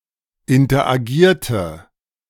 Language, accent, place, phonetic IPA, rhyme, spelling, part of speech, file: German, Germany, Berlin, [ɪntɐʔaˈɡiːɐ̯tə], -iːɐ̯tə, interagierte, verb, De-interagierte.ogg
- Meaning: inflection of interagieren: 1. first/third-person singular preterite 2. first/third-person singular subjunctive II